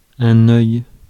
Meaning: 1. eye, organ that is sensitive to light, helping organisms to see 2. glyph, rendering of a single character 3. eye (of a needle)
- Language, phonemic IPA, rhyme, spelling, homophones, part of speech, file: French, /œj/, -œj, œil, œils, noun, Fr-œil.ogg